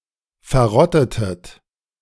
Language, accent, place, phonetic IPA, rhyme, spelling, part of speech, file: German, Germany, Berlin, [fɛɐ̯ˈʁɔtətət], -ɔtətət, verrottetet, verb, De-verrottetet.ogg
- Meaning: inflection of verrotten: 1. second-person plural preterite 2. second-person plural subjunctive II